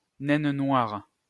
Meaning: black dwarf (hypothesized white dwarf that has cooled down and no longer emits visible light)
- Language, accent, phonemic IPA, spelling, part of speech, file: French, France, /nɛn nwaʁ/, naine noire, noun, LL-Q150 (fra)-naine noire.wav